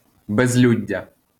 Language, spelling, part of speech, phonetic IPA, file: Ukrainian, безлюддя, noun, [bezʲˈlʲudʲːɐ], LL-Q8798 (ukr)-безлюддя.wav
- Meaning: absence of people